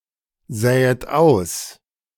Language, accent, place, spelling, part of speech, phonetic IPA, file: German, Germany, Berlin, sähet aus, verb, [ˌzɛːət ˈaʊ̯s], De-sähet aus.ogg
- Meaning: second-person plural subjunctive II of aussehen